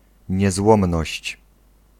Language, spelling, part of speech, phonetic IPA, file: Polish, niezłomność, noun, [ɲɛˈzwɔ̃mnɔɕt͡ɕ], Pl-niezłomność.ogg